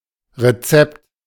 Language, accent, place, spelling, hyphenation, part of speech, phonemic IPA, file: German, Germany, Berlin, Rezept, Re‧zept, noun, /ʁeˈt͡sɛpt/, De-Rezept.ogg
- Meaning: 1. recipe, formula, guidance 2. recipe 3. medical prescription